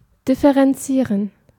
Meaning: to differentiate
- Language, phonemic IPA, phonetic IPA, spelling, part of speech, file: German, /dɪfəʁɛnˈtsiːʁən/, [dɪfəʁɛnˈtsiːɐ̯n], differenzieren, verb, De-differenzieren.ogg